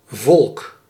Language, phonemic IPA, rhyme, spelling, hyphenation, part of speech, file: Dutch, /vɔlk/, -ɔlk, volk, volk, noun, Nl-volk.ogg
- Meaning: 1. people, nation 2. tribe 3. folk, the common people, the lower classes, the working classes 4. people (many individuals)